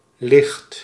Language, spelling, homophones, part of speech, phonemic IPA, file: Dutch, licht, ligt, adjective / noun / verb, /lɪxt/, Nl-licht.ogg
- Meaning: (adjective) 1. light, of little weight 2. easy, mild; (noun) 1. light, illumination 2. light source 3. inspiration (in z'n licht opsteken); a bright mind; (adjective) light, bright